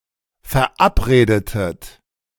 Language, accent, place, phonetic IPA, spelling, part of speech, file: German, Germany, Berlin, [fɛɐ̯ˈʔapˌʁeːdətət], verabredetet, verb, De-verabredetet.ogg
- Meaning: inflection of verabreden: 1. second-person plural preterite 2. second-person plural subjunctive II